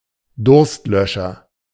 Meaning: thirst-quenching drink
- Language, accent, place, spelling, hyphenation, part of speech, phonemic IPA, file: German, Germany, Berlin, Durstlöscher, Durst‧lö‧scher, noun, /ˈdʊʁstˌlœʃɐ/, De-Durstlöscher.ogg